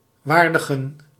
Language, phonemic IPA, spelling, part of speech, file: Dutch, /ˈvaːr.də.ɣə(n)/, vaardigen, verb, Nl-vaardigen.ogg
- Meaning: to ready, make ready